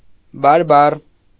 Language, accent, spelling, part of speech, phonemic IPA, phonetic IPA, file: Armenian, Eastern Armenian, բարբառ, noun, /bɑɾˈbɑr/, [bɑɾbɑ́r], Hy-բարբառ.ogg
- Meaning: 1. dialect 2. language; speech; word